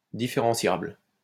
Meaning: differentiable
- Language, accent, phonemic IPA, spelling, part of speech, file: French, France, /di.fe.ʁɑ̃.sjabl/, différentiable, adjective, LL-Q150 (fra)-différentiable.wav